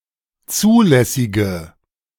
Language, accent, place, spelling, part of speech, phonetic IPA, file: German, Germany, Berlin, zulässige, adjective, [ˈt͡suːlɛsɪɡə], De-zulässige.ogg
- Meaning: inflection of zulässig: 1. strong/mixed nominative/accusative feminine singular 2. strong nominative/accusative plural 3. weak nominative all-gender singular